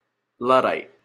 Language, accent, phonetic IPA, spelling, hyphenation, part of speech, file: English, Canada, [ˈlʌ.ɾʌit], Luddite, Lud‧dite, noun, En-ca-Luddite.opus
- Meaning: 1. Any of a group of early-19th-century English textile workers who destroyed machinery because it would harm their livelihood 2. Someone who opposes technological change